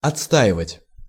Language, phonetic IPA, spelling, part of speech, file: Russian, [ɐt͡sˈstaɪvətʲ], отстаивать, verb, Ru-отстаивать.ogg
- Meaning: 1. to defend, to protect, to hold against enemy attacks 2. to maintain, to assert 3. to desilt 4. to stand (on one's feet) (somewhere) from beginning to end